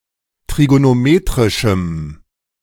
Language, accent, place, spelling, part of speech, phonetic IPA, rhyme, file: German, Germany, Berlin, trigonometrischem, adjective, [tʁiɡonoˈmeːtʁɪʃm̩], -eːtʁɪʃm̩, De-trigonometrischem.ogg
- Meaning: strong dative masculine/neuter singular of trigonometrisch